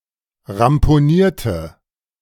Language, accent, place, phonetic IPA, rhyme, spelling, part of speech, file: German, Germany, Berlin, [ʁampoˈniːɐ̯tə], -iːɐ̯tə, ramponierte, adjective / verb, De-ramponierte.ogg
- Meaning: inflection of ramponieren: 1. first/third-person singular preterite 2. first/third-person singular subjunctive II